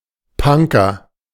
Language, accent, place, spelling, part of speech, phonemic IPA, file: German, Germany, Berlin, Punker, noun, /ˈpaŋkɐ/, De-Punker.ogg
- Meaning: 1. punk (member of the punk movement) 2. punk rocker (musician)